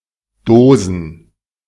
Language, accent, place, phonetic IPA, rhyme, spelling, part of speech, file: German, Germany, Berlin, [ˈdoːzn̩], -oːzn̩, Dosen, noun, De-Dosen.ogg
- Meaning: 1. plural of Dose 2. plural of Dosis